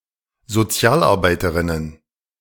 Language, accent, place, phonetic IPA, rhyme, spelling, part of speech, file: German, Germany, Berlin, [zoˈt͡si̯aːlʔaʁˌbaɪ̯təʁɪnən], -aːlʔaʁbaɪ̯təʁɪnən, Sozialarbeiterinnen, noun, De-Sozialarbeiterinnen.ogg
- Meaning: plural of Sozialarbeiterin